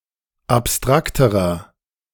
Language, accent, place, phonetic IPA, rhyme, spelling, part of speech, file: German, Germany, Berlin, [apˈstʁaktəʁɐ], -aktəʁɐ, abstrakterer, adjective, De-abstrakterer.ogg
- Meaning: inflection of abstrakt: 1. strong/mixed nominative masculine singular comparative degree 2. strong genitive/dative feminine singular comparative degree 3. strong genitive plural comparative degree